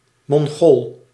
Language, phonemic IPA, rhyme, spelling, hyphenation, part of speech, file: Dutch, /mɔŋˈɣoːl/, -oːl, mongool, mon‧gool, noun, Nl-mongool.ogg
- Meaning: 1. a person with Down's syndrome, a mentally retarded person 2. imbecile, retard